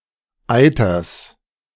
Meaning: genitive singular of Eiter
- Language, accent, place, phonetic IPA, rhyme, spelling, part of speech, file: German, Germany, Berlin, [ˈaɪ̯tɐs], -aɪ̯tɐs, Eiters, noun, De-Eiters.ogg